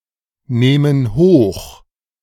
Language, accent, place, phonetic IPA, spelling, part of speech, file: German, Germany, Berlin, [ˌneːmən ˈhoːx], nehmen hoch, verb, De-nehmen hoch.ogg
- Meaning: inflection of hochnehmen: 1. first/third-person plural present 2. first/third-person plural subjunctive I